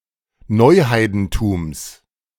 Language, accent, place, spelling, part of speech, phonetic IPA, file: German, Germany, Berlin, Neuheidentums, noun, [ˈnɔɪ̯ˌhaɪ̯dn̩tuːms], De-Neuheidentums.ogg
- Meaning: genitive singular of Neuheidentum